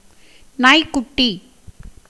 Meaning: puppy (a young dog, especially before sexual maturity (12–18 months))
- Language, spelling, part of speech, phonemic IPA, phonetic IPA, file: Tamil, நாய்க்குட்டி, noun, /nɑːjkːʊʈːiː/, [näːjkːʊʈːiː], Ta-நாய்க்குட்டி.ogg